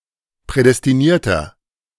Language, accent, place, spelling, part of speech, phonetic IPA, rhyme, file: German, Germany, Berlin, prädestinierter, adjective, [ˌpʁɛdɛstiˈniːɐ̯tɐ], -iːɐ̯tɐ, De-prädestinierter.ogg
- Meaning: inflection of prädestiniert: 1. strong/mixed nominative masculine singular 2. strong genitive/dative feminine singular 3. strong genitive plural